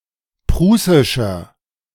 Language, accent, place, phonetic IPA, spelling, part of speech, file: German, Germany, Berlin, [ˈpʁuːsɪʃɐ], prußischer, adjective, De-prußischer.ogg
- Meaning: inflection of prußisch: 1. strong/mixed nominative masculine singular 2. strong genitive/dative feminine singular 3. strong genitive plural